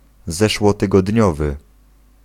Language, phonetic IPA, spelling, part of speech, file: Polish, [ˌzɛʃwɔtɨɡɔdʲˈɲɔvɨ], zeszłotygodniowy, adjective, Pl-zeszłotygodniowy.ogg